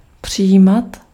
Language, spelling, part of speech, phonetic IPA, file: Czech, přijímat, verb, [ˈpr̝̊ɪjiːmat], Cs-přijímat.ogg
- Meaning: imperfective form of přijmout